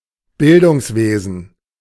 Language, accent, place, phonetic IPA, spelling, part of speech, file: German, Germany, Berlin, [ˈbɪldʊŋsˌveːzn̩], Bildungswesen, noun, De-Bildungswesen.ogg
- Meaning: education, education sector, education system